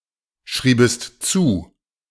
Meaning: second-person singular subjunctive II of zuschreiben
- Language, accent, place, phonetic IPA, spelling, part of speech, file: German, Germany, Berlin, [ˌʃʁiːbəst ˈt͡suː], schriebest zu, verb, De-schriebest zu.ogg